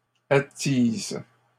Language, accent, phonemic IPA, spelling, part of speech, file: French, Canada, /a.tiz/, attises, verb, LL-Q150 (fra)-attises.wav
- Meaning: second-person singular present indicative/subjunctive of attiser